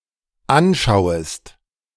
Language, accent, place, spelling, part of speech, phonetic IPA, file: German, Germany, Berlin, anschauest, verb, [ˈanˌʃaʊ̯əst], De-anschauest.ogg
- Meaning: second-person singular dependent subjunctive I of anschauen